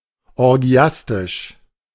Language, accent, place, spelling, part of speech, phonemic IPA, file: German, Germany, Berlin, orgiastisch, adjective, /ɔʁˈɡi̯astɪʃ/, De-orgiastisch.ogg
- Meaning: orgiastic